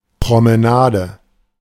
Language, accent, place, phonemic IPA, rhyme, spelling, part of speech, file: German, Germany, Berlin, /pʁɔˌməˈnaːdə/, -aːdə, Promenade, noun, De-Promenade.ogg
- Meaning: promenade